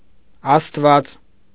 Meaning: 1. god 2. God of Christianity
- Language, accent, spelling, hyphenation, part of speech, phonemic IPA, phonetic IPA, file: Armenian, Eastern Armenian, աստված, աստ‧ված, noun, /ɑstˈvɑt͡s/, [ɑstvɑ́t͡s], Hy-աստված1.ogg